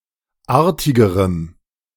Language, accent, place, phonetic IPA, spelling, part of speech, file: German, Germany, Berlin, [ˈaːɐ̯tɪɡəʁəm], artigerem, adjective, De-artigerem.ogg
- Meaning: strong dative masculine/neuter singular comparative degree of artig